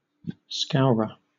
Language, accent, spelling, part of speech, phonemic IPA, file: English, Southern England, scourer, noun, /ˈskaʊɹə/, LL-Q1860 (eng)-scourer.wav
- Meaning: 1. A tool used to scour, usually used to clean cookware 2. Agent noun of scour; a person who scours 3. A rover or footpad; a prowling robber